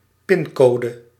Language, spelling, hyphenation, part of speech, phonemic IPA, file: Dutch, pincode, pin‧co‧de, noun, /ˈpɪnˌkoː.də/, Nl-pincode.ogg
- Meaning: personal identification number